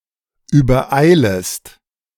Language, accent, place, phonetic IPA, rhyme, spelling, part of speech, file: German, Germany, Berlin, [yːbɐˈʔaɪ̯ləst], -aɪ̯ləst, übereilest, verb, De-übereilest.ogg
- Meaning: second-person singular subjunctive I of übereilen